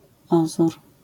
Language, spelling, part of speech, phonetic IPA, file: Polish, ozór, noun, [ˈɔzur], LL-Q809 (pol)-ozór.wav